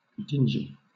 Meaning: 1. Dark, dull 2. Shabby, squalid, uncared-for
- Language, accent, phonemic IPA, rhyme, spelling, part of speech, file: English, Southern England, /ˈdɪn.d͡ʒi/, -ɪnd͡ʒi, dingy, adjective, LL-Q1860 (eng)-dingy.wav